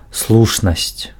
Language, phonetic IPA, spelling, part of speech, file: Belarusian, [ˈsɫuʂnasʲt͡sʲ], слушнасць, noun, Be-слушнасць.ogg
- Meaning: soundness, well-foundedness, reasonability, reason